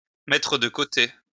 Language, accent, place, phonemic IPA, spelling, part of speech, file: French, France, Lyon, /mɛ.tʁə d(ə) ko.te/, mettre de côté, verb, LL-Q150 (fra)-mettre de côté.wav
- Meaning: 1. to put aside 2. to put aside, to save 3. ellipsis of mettre de l'argent de côté